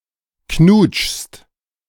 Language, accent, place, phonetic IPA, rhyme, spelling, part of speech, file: German, Germany, Berlin, [knuːt͡ʃst], -uːt͡ʃst, knutschst, verb, De-knutschst.ogg
- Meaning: second-person singular present of knutschen